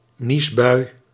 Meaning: a sneezing fit
- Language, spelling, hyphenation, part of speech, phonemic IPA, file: Dutch, niesbui, nies‧bui, noun, /ˈnis.bœy̯/, Nl-niesbui.ogg